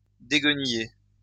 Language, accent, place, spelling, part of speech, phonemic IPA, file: French, France, Lyon, déguenillé, verb / adjective, /de.ɡ(ə).ni.je/, LL-Q150 (fra)-déguenillé.wav
- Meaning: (verb) past participle of dégueniller; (adjective) ragged, tattered